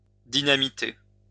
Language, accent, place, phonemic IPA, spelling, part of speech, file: French, France, Lyon, /di.na.mi.te/, dynamiter, verb, LL-Q150 (fra)-dynamiter.wav
- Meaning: to dynamite (blow up with dynamite)